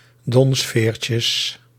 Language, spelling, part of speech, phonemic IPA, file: Dutch, donsveertjes, noun, /ˈdɔnsfercəs/, Nl-donsveertjes.ogg
- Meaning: plural of donsveertje